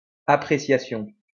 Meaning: appreciation
- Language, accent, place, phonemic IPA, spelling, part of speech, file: French, France, Lyon, /a.pʁe.sja.sjɔ̃/, appréciation, noun, LL-Q150 (fra)-appréciation.wav